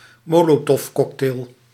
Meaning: Molotov cocktail
- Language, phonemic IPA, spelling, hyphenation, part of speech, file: Dutch, /ˈmoː.loː.tɔfˌkɔk.teːl/, molotovcocktail, mo‧lo‧tov‧cock‧tail, noun, Nl-molotovcocktail.ogg